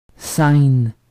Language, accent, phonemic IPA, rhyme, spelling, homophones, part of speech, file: French, Quebec, /sɛn/, -ɛn, scène, Cène / saine / saines / scènes / seine / seines / senne / sennes / Seine, noun, Qc-scène.ogg
- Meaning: 1. stage (where performances are held) 2. scene (all senses): location of a play's plot 3. scene (all senses): location, literal or figurative, of any event